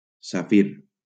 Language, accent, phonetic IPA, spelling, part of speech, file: Catalan, Valencia, [saˈfir], safir, noun, LL-Q7026 (cat)-safir.wav
- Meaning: sapphire